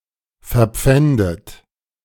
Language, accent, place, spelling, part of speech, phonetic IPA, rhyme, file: German, Germany, Berlin, verpfändet, verb, [fɛɐ̯ˈp͡fɛndət], -ɛndət, De-verpfändet.ogg
- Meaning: 1. past participle of verpfänden 2. inflection of verpfänden: third-person singular present 3. inflection of verpfänden: second-person plural present 4. inflection of verpfänden: plural imperative